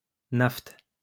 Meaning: naphtha
- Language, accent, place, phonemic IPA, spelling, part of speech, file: French, France, Lyon, /naft/, naphte, noun, LL-Q150 (fra)-naphte.wav